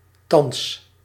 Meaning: now (at the present moment)
- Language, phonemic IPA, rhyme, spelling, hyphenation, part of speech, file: Dutch, /tɑns/, -ɑns, thans, thans, adverb, Nl-thans.ogg